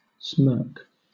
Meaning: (noun) 1. An uneven, often crooked smile that is insolent, self-satisfied, conceited or scornful 2. A forced or affected smile
- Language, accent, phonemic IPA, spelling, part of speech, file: English, Southern England, /smɜːk/, smirk, noun / verb / adjective, LL-Q1860 (eng)-smirk.wav